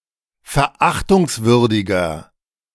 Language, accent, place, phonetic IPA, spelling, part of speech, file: German, Germany, Berlin, [fɛɐ̯ˈʔaxtʊŋsˌvʏʁdɪɡɐ], verachtungswürdiger, adjective, De-verachtungswürdiger.ogg
- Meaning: 1. comparative degree of verachtungswürdig 2. inflection of verachtungswürdig: strong/mixed nominative masculine singular 3. inflection of verachtungswürdig: strong genitive/dative feminine singular